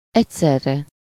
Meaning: simultaneously, at the same time
- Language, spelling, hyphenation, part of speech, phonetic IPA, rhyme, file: Hungarian, egyszerre, egy‧szer‧re, adverb, [ˈɛcsɛrːɛ], -rɛ, Hu-egyszerre.ogg